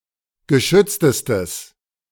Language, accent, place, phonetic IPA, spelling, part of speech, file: German, Germany, Berlin, [ɡəˈʃʏt͡stəstəs], geschütztestes, adjective, De-geschütztestes.ogg
- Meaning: strong/mixed nominative/accusative neuter singular superlative degree of geschützt